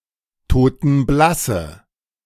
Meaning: inflection of totenblass: 1. strong/mixed nominative/accusative feminine singular 2. strong nominative/accusative plural 3. weak nominative all-gender singular
- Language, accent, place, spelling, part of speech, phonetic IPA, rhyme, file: German, Germany, Berlin, totenblasse, adjective, [toːtn̩ˈblasə], -asə, De-totenblasse.ogg